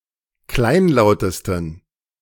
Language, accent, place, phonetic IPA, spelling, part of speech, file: German, Germany, Berlin, [ˈklaɪ̯nˌlaʊ̯təstn̩], kleinlautesten, adjective, De-kleinlautesten.ogg
- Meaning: 1. superlative degree of kleinlaut 2. inflection of kleinlaut: strong genitive masculine/neuter singular superlative degree